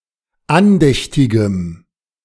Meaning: strong dative masculine/neuter singular of andächtig
- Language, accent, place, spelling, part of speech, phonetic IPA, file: German, Germany, Berlin, andächtigem, adjective, [ˈanˌdɛçtɪɡəm], De-andächtigem.ogg